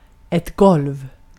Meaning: a floor
- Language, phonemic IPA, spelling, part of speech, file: Swedish, /ɡɔlv/, golv, noun, Sv-golv.ogg